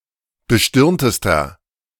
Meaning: inflection of bestirnt: 1. strong/mixed nominative masculine singular superlative degree 2. strong genitive/dative feminine singular superlative degree 3. strong genitive plural superlative degree
- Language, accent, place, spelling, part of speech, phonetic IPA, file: German, Germany, Berlin, bestirntester, adjective, [bəˈʃtɪʁntəstɐ], De-bestirntester.ogg